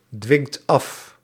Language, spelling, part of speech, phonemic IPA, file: Dutch, dwingt af, verb, /ˈdwɪŋt ˈɑf/, Nl-dwingt af.ogg
- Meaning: inflection of afdwingen: 1. second/third-person singular present indicative 2. plural imperative